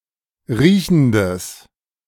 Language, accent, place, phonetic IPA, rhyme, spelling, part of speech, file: German, Germany, Berlin, [ˈʁiːçn̩dəs], -iːçn̩dəs, riechendes, adjective, De-riechendes.ogg
- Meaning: strong/mixed nominative/accusative neuter singular of riechend